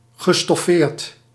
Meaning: past participle of stofferen
- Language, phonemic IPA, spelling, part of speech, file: Dutch, /ɣəˈdan/, gestoffeerd, verb / adjective, Nl-gestoffeerd.ogg